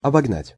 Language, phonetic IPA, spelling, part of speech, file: Russian, [ɐbɐɡˈnatʲ], обогнать, verb, Ru-обогнать.ogg
- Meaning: 1. to overtake 2. to excel, to surpass